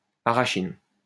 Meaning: arachin
- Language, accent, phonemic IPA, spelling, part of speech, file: French, France, /a.ʁa.ʃin/, arachine, noun, LL-Q150 (fra)-arachine.wav